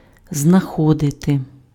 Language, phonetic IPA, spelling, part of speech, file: Ukrainian, [znɐˈxɔdete], знаходити, verb, Uk-знаходити.ogg
- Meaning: to find